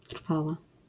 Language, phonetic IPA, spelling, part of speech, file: Polish, [ˈtr̥fawa], trwała, noun / adjective, LL-Q809 (pol)-trwała.wav